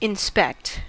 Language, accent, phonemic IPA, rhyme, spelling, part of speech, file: English, US, /ɪnˈspɛkt/, -ɛkt, inspect, verb, En-us-inspect.ogg
- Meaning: To examine critically or carefully; especially, to search out problems or determine condition; to scrutinize